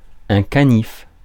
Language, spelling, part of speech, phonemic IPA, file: French, canif, noun, /ka.nif/, Fr-canif.ogg
- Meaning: clasp-knife, penknife